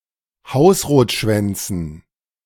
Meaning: dative plural of Hausrotschwanz
- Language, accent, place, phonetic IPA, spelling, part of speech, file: German, Germany, Berlin, [ˈhaʊ̯sʁoːtˌʃvɛnt͡sn̩], Hausrotschwänzen, noun, De-Hausrotschwänzen.ogg